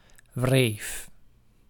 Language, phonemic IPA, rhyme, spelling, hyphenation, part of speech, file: Dutch, /vreːf/, -eːf, wreef, wreef, noun / verb, Nl-wreef.ogg
- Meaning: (noun) instep; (verb) singular past indicative of wrijven